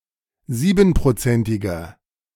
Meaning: inflection of siebenprozentig: 1. strong/mixed nominative masculine singular 2. strong genitive/dative feminine singular 3. strong genitive plural
- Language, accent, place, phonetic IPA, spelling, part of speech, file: German, Germany, Berlin, [ˈziːbn̩pʁoˌt͡sɛntɪɡɐ], siebenprozentiger, adjective, De-siebenprozentiger.ogg